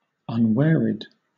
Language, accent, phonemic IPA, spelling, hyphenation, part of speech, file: English, Southern England, /ʌnˈwɪəɹid/, unwearied, un‧weari‧ed, adjective, LL-Q1860 (eng)-unwearied.wav
- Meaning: 1. Not wearied, not tired 2. Never tiring; tireless 3. Not stopping; persistent, relentless